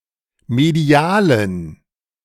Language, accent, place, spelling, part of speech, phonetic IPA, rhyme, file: German, Germany, Berlin, medialen, adjective, [meˈdi̯aːlən], -aːlən, De-medialen.ogg
- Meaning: inflection of medial: 1. strong genitive masculine/neuter singular 2. weak/mixed genitive/dative all-gender singular 3. strong/weak/mixed accusative masculine singular 4. strong dative plural